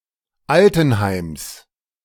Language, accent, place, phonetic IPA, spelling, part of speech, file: German, Germany, Berlin, [ˈaltn̩ˌhaɪ̯ms], Altenheims, noun, De-Altenheims.ogg
- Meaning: genitive of Altenheim